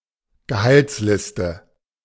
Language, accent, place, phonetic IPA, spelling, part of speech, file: German, Germany, Berlin, [ɡəˈhalt͡sˌlɪstə], Gehaltsliste, noun, De-Gehaltsliste.ogg
- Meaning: payroll (list of employees who receive salary, together with the amounts due to each)